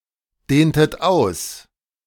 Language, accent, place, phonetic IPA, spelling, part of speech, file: German, Germany, Berlin, [ˌdeːntət ˈaʊ̯s], dehntet aus, verb, De-dehntet aus.ogg
- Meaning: inflection of ausdehnen: 1. second-person plural preterite 2. second-person plural subjunctive II